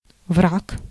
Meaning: enemy, foe
- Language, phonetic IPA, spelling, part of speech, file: Russian, [vrak], враг, noun, Ru-враг.ogg